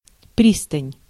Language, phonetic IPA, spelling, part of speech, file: Russian, [ˈprʲistənʲ], пристань, noun, Ru-пристань.ogg
- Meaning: wharf, pier